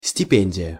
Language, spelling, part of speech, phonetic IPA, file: Russian, стипендия, noun, [sʲtʲɪˈpʲenʲdʲɪjə], Ru-стипендия.ogg
- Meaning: bursary, scholarship